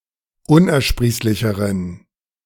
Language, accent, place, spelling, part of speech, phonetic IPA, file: German, Germany, Berlin, unersprießlicheren, adjective, [ˈʊnʔɛɐ̯ˌʃpʁiːslɪçəʁən], De-unersprießlicheren.ogg
- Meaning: inflection of unersprießlich: 1. strong genitive masculine/neuter singular comparative degree 2. weak/mixed genitive/dative all-gender singular comparative degree